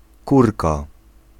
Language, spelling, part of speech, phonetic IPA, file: Polish, kurka, noun / interjection, [ˈkurka], Pl-kurka.ogg